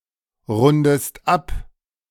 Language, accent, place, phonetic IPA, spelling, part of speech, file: German, Germany, Berlin, [ˌʁʊndəst ˈap], rundest ab, verb, De-rundest ab.ogg
- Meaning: inflection of abrunden: 1. second-person singular present 2. second-person singular subjunctive I